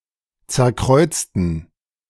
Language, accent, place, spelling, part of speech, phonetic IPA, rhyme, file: German, Germany, Berlin, zerkreuzten, verb, [ˌt͡sɛɐ̯ˈkʁɔɪ̯t͡stn̩], -ɔɪ̯t͡stn̩, De-zerkreuzten.ogg
- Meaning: inflection of zerkreuzen: 1. first/third-person plural preterite 2. first/third-person plural subjunctive II